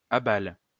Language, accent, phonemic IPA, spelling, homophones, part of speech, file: French, France, /a.bal/, abales, abale / abalent, verb, LL-Q150 (fra)-abales.wav
- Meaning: second-person singular present indicative/subjunctive of abaler